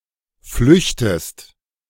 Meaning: inflection of flüchten: 1. second-person singular present 2. second-person singular subjunctive I
- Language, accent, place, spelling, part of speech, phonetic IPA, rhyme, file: German, Germany, Berlin, flüchtest, verb, [ˈflʏçtəst], -ʏçtəst, De-flüchtest.ogg